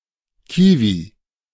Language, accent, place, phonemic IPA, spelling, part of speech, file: German, Germany, Berlin, /ˈkiːvi/, Kiwi, noun, De-Kiwi.ogg
- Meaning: 1. kiwi, kiwifruit 2. kiwi (bird)